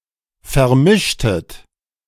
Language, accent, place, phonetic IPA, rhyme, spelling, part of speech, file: German, Germany, Berlin, [fɛɐ̯ˈmɪʃtət], -ɪʃtət, vermischtet, verb, De-vermischtet.ogg
- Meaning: inflection of vermischen: 1. second-person plural preterite 2. second-person plural subjunctive II